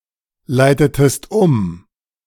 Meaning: inflection of umleiten: 1. second-person singular preterite 2. second-person singular subjunctive II
- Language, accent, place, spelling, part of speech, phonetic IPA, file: German, Germany, Berlin, leitetest um, verb, [ˌlaɪ̯tətəst ˈʊm], De-leitetest um.ogg